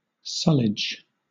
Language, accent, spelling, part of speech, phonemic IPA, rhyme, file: English, Southern England, sullage, noun, /ˈsʌlɪd͡ʒ/, -ʌlɪdʒ, LL-Q1860 (eng)-sullage.wav
- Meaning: 1. The liquid discharges from kitchens, washbasins, toilets etc; sewage 2. Silt or sediment deposited from flowing water 3. That which sullies or defiles